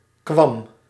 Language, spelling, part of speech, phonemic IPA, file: Dutch, kwam, verb, /kʋɑm/, Nl-kwam.ogg
- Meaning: singular past indicative of komen